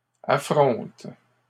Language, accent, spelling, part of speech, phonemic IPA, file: French, Canada, affrontes, verb, /a.fʁɔ̃t/, LL-Q150 (fra)-affrontes.wav
- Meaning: second-person singular present indicative/subjunctive of affronter